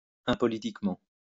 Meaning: impolitically
- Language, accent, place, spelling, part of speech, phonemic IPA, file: French, France, Lyon, impolitiquement, adverb, /ɛ̃.pɔ.li.tik.mɑ̃/, LL-Q150 (fra)-impolitiquement.wav